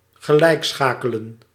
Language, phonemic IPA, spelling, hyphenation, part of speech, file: Dutch, /ɣəˈlɛi̯kˌsxaː.kə.lə(n)/, gelijkschakelen, ge‧lijk‧scha‧ke‧len, verb, Nl-gelijkschakelen.ogg
- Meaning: to equate, to equalise